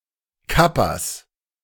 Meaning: plural of Kappa
- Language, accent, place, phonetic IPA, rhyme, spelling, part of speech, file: German, Germany, Berlin, [ˈkapas], -apas, Kappas, noun, De-Kappas.ogg